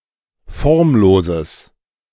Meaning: strong/mixed nominative/accusative neuter singular of formlos
- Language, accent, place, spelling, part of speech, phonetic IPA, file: German, Germany, Berlin, formloses, adjective, [ˈfɔʁmˌloːzəs], De-formloses.ogg